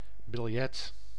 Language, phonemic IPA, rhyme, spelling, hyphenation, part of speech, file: Dutch, /bɪlˈjɛt/, -ɛt, biljet, bil‧jet, noun, Nl-biljet.ogg
- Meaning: 1. a note 2. a banknote 3. a ticket